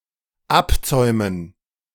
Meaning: to unbridle
- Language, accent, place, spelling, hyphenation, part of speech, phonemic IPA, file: German, Germany, Berlin, abzäumen, ab‧zäu‧men, verb, /ˈapt͡sɔɪ̯mən/, De-abzäumen.ogg